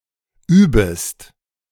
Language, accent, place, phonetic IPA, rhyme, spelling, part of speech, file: German, Germany, Berlin, [ˈyːbəst], -yːbəst, übest, verb, De-übest.ogg
- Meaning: second-person singular subjunctive I of üben